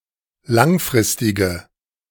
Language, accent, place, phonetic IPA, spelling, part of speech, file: German, Germany, Berlin, [ˈlaŋˌfʁɪstɪɡə], langfristige, adjective, De-langfristige.ogg
- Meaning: inflection of langfristig: 1. strong/mixed nominative/accusative feminine singular 2. strong nominative/accusative plural 3. weak nominative all-gender singular